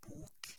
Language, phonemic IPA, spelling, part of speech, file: Norwegian Bokmål, /buːk/, bok, noun, No-bok.ogg
- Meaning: 1. book 2. alternative form of bøk (“beech”)